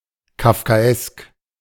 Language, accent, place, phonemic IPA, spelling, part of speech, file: German, Germany, Berlin, /kafkaˈɛsk/, kafkaesk, adjective, De-kafkaesk.ogg
- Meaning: Kafkaesque